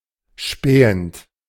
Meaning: present participle of spähen
- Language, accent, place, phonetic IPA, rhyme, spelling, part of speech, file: German, Germany, Berlin, [ˈʃpɛːənt], -ɛːənt, spähend, verb, De-spähend.ogg